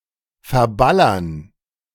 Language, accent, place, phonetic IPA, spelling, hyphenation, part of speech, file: German, Germany, Berlin, [fɛɐ̯ˈbalɐn], verballern, ver‧bal‧lern, verb, De-verballern.ogg
- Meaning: 1. to squander (e.g. money, ammunition, etc.) 2. to miss (a shot)